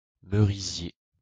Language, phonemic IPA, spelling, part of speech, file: French, /mə.ʁi.zje/, merisier, noun, LL-Q150 (fra)-merisier.wav
- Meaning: 1. wild cherry (tree) 2. cherry (wood)